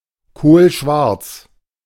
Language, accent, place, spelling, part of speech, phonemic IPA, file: German, Germany, Berlin, kohlschwarz, adjective, /koːlˈʃvaʁt͡s/, De-kohlschwarz.ogg
- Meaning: coal black